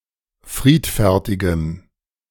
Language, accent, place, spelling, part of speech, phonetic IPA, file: German, Germany, Berlin, friedfertigem, adjective, [ˈfʁiːtfɛʁtɪɡəm], De-friedfertigem.ogg
- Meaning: strong dative masculine/neuter singular of friedfertig